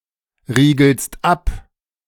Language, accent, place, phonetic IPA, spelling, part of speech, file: German, Germany, Berlin, [ˌʁiːɡl̩st ˈap], riegelst ab, verb, De-riegelst ab.ogg
- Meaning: second-person singular present of abriegeln